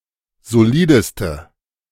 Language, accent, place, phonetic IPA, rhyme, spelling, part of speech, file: German, Germany, Berlin, [zoˈliːdəstə], -iːdəstə, solideste, adjective, De-solideste.ogg
- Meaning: inflection of solid: 1. strong/mixed nominative/accusative feminine singular superlative degree 2. strong nominative/accusative plural superlative degree